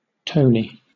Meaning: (proper noun) 1. A male given name, a short form of Anthony/Antony 2. A female given name 3. A surname transferred from the given name
- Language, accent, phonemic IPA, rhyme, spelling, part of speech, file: English, Southern England, /ˈtəʊni/, -əʊni, Tony, proper noun / noun, LL-Q1860 (eng)-Tony.wav